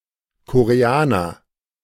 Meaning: Korean (person)
- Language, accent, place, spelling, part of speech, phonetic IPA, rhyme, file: German, Germany, Berlin, Koreaner, noun, [koʁeˈaːnɐ], -aːnɐ, De-Koreaner.ogg